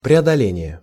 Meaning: overcoming
- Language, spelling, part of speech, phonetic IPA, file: Russian, преодоление, noun, [prʲɪədɐˈlʲenʲɪje], Ru-преодоление.ogg